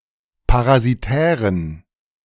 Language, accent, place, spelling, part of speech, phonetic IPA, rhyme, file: German, Germany, Berlin, parasitären, adjective, [paʁaziˈtɛːʁən], -ɛːʁən, De-parasitären.ogg
- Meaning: inflection of parasitär: 1. strong genitive masculine/neuter singular 2. weak/mixed genitive/dative all-gender singular 3. strong/weak/mixed accusative masculine singular 4. strong dative plural